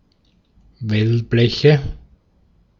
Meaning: nominative/accusative/genitive plural of Wellblech
- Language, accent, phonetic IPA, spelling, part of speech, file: German, Austria, [ˈvɛlˌblɛçə], Wellbleche, noun, De-at-Wellbleche.ogg